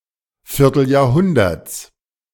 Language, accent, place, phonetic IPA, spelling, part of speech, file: German, Germany, Berlin, [fɪʁtl̩jaːɐ̯ˈhʊndɐt͡s], Vierteljahrhunderts, noun, De-Vierteljahrhunderts.ogg
- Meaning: genitive of Vierteljahrhundert